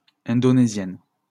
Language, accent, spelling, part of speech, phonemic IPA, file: French, France, indonésiennes, adjective, /ɛ̃.dɔ.ne.zjɛn/, LL-Q150 (fra)-indonésiennes.wav
- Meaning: feminine plural of indonésien